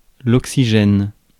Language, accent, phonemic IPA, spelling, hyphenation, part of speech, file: French, France, /ɔk.si.ʒɛn/, oxygène, ox‧y‧gène, noun / verb, Fr-oxygène.ogg
- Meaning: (noun) 1. oxygen 2. an atom or a nucleus of oxygen in a molecule; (verb) inflection of oxygéner: 1. first/third-person singular present indicative/subjunctive 2. second-person singular imperative